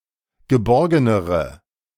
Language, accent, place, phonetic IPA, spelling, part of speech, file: German, Germany, Berlin, [ɡəˈbɔʁɡənəʁə], geborgenere, adjective, De-geborgenere.ogg
- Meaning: inflection of geborgen: 1. strong/mixed nominative/accusative feminine singular comparative degree 2. strong nominative/accusative plural comparative degree